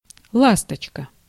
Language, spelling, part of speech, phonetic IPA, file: Russian, ласточка, noun, [ˈɫastət͡ɕkə], Ru-ласточка.ogg
- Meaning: 1. swallow (bird) 2. horizontal stand 3. lassie, dearie (an endearing term of address to a woman or girl)